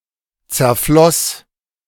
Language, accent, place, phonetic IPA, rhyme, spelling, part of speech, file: German, Germany, Berlin, [t͡sɛɐ̯ˈflɔs], -ɔs, zerfloss, verb, De-zerfloss.ogg
- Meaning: first/third-person singular preterite of zerfließen